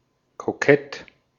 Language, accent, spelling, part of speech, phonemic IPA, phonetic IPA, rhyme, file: German, Austria, kokett, adjective, /koˈkɛt/, [kʰoˈkʰɛtʰ], -ɛt, De-at-kokett.ogg
- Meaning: coquettish, flirtatious